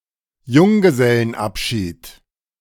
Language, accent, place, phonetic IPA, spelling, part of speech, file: German, Germany, Berlin, [ˈjʊŋɡəzɛlənˌʔapʃiːt], Junggesellenabschied, noun, De-Junggesellenabschied.ogg
- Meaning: stag party, bachelor party (party organized for a husband by his, usually only male, friends)